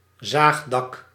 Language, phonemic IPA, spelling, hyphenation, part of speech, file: Dutch, /ˈzaːxdɑk/, zaagdak, zaag‧dak, noun, Nl-zaagdak.ogg
- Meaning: saw-tooth roof